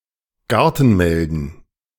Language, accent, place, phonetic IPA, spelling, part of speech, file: German, Germany, Berlin, [ˈɡaʁtn̩ˌmɛldn̩], Gartenmelden, noun, De-Gartenmelden.ogg
- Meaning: plural of Gartenmelde